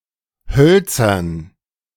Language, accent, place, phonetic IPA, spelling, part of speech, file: German, Germany, Berlin, [ˈhœlt͡sɐn], Hölzern, noun / proper noun, De-Hölzern.ogg
- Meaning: dative plural of Holz